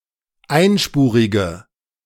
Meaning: inflection of einspurig: 1. strong/mixed nominative/accusative feminine singular 2. strong nominative/accusative plural 3. weak nominative all-gender singular
- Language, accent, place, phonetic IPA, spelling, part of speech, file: German, Germany, Berlin, [ˈaɪ̯nˌʃpuːʁɪɡə], einspurige, adjective, De-einspurige.ogg